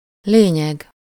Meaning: 1. essence, substance (the vital and most important part) 2. point (a topic of discussion or debate)
- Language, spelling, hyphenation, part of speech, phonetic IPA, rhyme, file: Hungarian, lényeg, lé‧nyeg, noun, [ˈleːɲɛɡ], -ɛɡ, Hu-lényeg.ogg